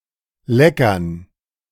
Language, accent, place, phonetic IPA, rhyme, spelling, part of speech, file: German, Germany, Berlin, [ˈlɛkɐn], -ɛkɐn, Leckern, noun, De-Leckern.ogg
- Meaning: dative plural of Lecker